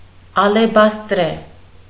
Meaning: alabaster
- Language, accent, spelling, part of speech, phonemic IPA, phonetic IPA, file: Armenian, Eastern Armenian, ալեբաստրե, adjective, /ɑlebɑstˈɾe/, [ɑlebɑstɾé], Hy-ալեբաստրե.ogg